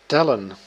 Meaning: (verb) 1. to count, to enumerate 2. to determine the number of 3. to matter, to be of significance; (noun) plural of tel
- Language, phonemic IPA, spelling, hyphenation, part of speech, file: Dutch, /ˈtɛ.lə(n)/, tellen, tel‧len, verb / noun, Nl-tellen.ogg